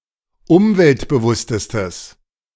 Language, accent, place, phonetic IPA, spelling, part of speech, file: German, Germany, Berlin, [ˈʊmvɛltbəˌvʊstəstəs], umweltbewusstestes, adjective, De-umweltbewusstestes.ogg
- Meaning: strong/mixed nominative/accusative neuter singular superlative degree of umweltbewusst